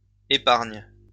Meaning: second-person singular present indicative/subjunctive of épargner
- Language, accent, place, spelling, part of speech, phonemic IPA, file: French, France, Lyon, épargnes, verb, /e.paʁɲ/, LL-Q150 (fra)-épargnes.wav